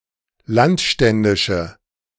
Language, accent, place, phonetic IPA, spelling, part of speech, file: German, Germany, Berlin, [ˈlantˌʃtɛndɪʃə], landständische, adjective, De-landständische.ogg
- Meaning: inflection of landständisch: 1. strong/mixed nominative/accusative feminine singular 2. strong nominative/accusative plural 3. weak nominative all-gender singular